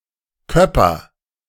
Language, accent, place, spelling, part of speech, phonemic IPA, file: German, Germany, Berlin, Köpper, noun, /kœpɐ/, De-Köpper.ogg
- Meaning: header (jump into water with one's head and arms ahead)